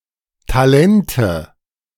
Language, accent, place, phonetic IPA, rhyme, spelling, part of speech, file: German, Germany, Berlin, [taˈlɛntə], -ɛntə, Talente, noun, De-Talente.ogg
- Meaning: nominative/accusative/genitive plural of Talent